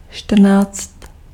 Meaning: fourteen (14)
- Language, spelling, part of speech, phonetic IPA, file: Czech, čtrnáct, numeral, [ˈt͡ʃtr̩naːt͡st], Cs-čtrnáct.ogg